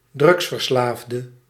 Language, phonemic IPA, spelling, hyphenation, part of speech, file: Dutch, /ˈdrʏɡs.vərˌslaːf.də/, drugsverslaafde, drugs‧ver‧slaaf‧de, noun, Nl-drugsverslaafde.ogg
- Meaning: drug addict